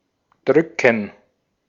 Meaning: 1. to press, to push (a button/key; a finger or other object against something) 2. to push, to press, to exert pressure, to click (with a mouse) 3. to squeeze 4. to hug
- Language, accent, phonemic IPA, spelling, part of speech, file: German, Austria, /ˈdʁʏkən/, drücken, verb, De-at-drücken.ogg